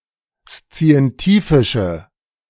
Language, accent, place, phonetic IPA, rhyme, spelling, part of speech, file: German, Germany, Berlin, [st͡si̯ɛnˈtiːfɪʃə], -iːfɪʃə, szientifische, adjective, De-szientifische.ogg
- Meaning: inflection of szientifisch: 1. strong/mixed nominative/accusative feminine singular 2. strong nominative/accusative plural 3. weak nominative all-gender singular